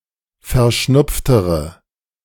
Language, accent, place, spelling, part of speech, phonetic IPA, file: German, Germany, Berlin, verschnupftere, adjective, [fɛɐ̯ˈʃnʊp͡ftəʁə], De-verschnupftere.ogg
- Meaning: inflection of verschnupft: 1. strong/mixed nominative/accusative feminine singular comparative degree 2. strong nominative/accusative plural comparative degree